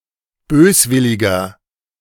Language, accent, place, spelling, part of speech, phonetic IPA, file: German, Germany, Berlin, böswilliger, adjective, [ˈbøːsˌvɪlɪɡɐ], De-böswilliger.ogg
- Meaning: 1. comparative degree of böswillig 2. inflection of böswillig: strong/mixed nominative masculine singular 3. inflection of böswillig: strong genitive/dative feminine singular